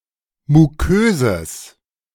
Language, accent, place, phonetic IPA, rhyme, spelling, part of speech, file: German, Germany, Berlin, [muˈkøːzəs], -øːzəs, muköses, adjective, De-muköses.ogg
- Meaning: strong/mixed nominative/accusative neuter singular of mukös